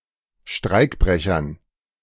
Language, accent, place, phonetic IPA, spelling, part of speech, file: German, Germany, Berlin, [ˈʃtʁaɪ̯kˌbʁɛçɐn], Streikbrechern, noun, De-Streikbrechern.ogg
- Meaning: dative plural of Streikbrecher